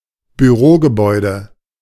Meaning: office building, office block (commercial building containing spaces for offices)
- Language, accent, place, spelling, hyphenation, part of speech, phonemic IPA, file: German, Germany, Berlin, Bürogebäude, Bü‧ro‧ge‧bäu‧de, noun, /byˈʁoːɡəˌbɔɪ̯də/, De-Bürogebäude.ogg